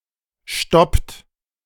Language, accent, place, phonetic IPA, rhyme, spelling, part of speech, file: German, Germany, Berlin, [ʃtɔpt], -ɔpt, stoppt, verb, De-stoppt.ogg
- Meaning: inflection of stoppen: 1. third-person singular present 2. second-person plural present 3. plural imperative